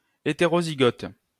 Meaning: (adjective) heterozygous; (noun) heterozygote (a diploid individual that has different alleles at one or more genetic loci)
- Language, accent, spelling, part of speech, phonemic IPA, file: French, France, hétérozygote, adjective / noun, /e.te.ʁo.zi.ɡɔt/, LL-Q150 (fra)-hétérozygote.wav